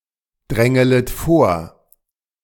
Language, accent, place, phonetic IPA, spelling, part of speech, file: German, Germany, Berlin, [ˌdʁɛŋələt ˈfoːɐ̯], drängelet vor, verb, De-drängelet vor.ogg
- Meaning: second-person plural subjunctive I of vordrängeln